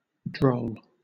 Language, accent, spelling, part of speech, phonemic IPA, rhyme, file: English, Southern England, droll, adjective / noun / verb, /dɹəʊl/, -əʊl, LL-Q1860 (eng)-droll.wav
- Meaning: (adjective) Oddly humorous; whimsical, amusing in a quaint way; waggish; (noun) A funny person; a buffoon, a wag; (verb) To jest, to joke